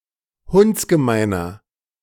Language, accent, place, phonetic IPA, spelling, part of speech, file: German, Germany, Berlin, [ˈhʊnt͡sɡəˌmaɪ̯nɐ], hundsgemeiner, adjective, De-hundsgemeiner.ogg
- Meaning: 1. comparative degree of hundsgemein 2. inflection of hundsgemein: strong/mixed nominative masculine singular 3. inflection of hundsgemein: strong genitive/dative feminine singular